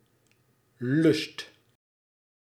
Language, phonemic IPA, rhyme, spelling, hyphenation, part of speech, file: Dutch, /lʏst/, -ʏst, lust, lust, noun / verb, Nl-lust.ogg
- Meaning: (noun) 1. lust, desire (especially sexual, but also more generally) 2. object of desire 3. pleasure, joy 4. benefit, advantage 5. a taste for, strong tendency to